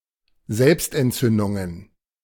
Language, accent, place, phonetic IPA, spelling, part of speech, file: German, Germany, Berlin, [ˈzɛlpstʔɛntˌt͡sʏndʊŋən], Selbstentzündungen, noun, De-Selbstentzündungen.ogg
- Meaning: plural of Selbstentzündung